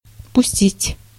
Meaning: 1. to let (go), to allow, to permit, to release 2. to set going, to set in motion, to set in operation, to start, to set working 3. to let in 4. to launch, to throw
- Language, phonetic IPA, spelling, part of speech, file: Russian, [pʊˈsʲtʲitʲ], пустить, verb, Ru-пустить.ogg